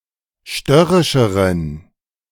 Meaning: inflection of störrisch: 1. strong genitive masculine/neuter singular comparative degree 2. weak/mixed genitive/dative all-gender singular comparative degree
- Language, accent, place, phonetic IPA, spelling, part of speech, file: German, Germany, Berlin, [ˈʃtœʁɪʃəʁən], störrischeren, adjective, De-störrischeren.ogg